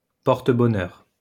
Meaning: lucky charm
- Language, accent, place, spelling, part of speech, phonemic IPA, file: French, France, Lyon, porte-bonheur, noun, /pɔʁ.t(ə).bɔ.nœʁ/, LL-Q150 (fra)-porte-bonheur.wav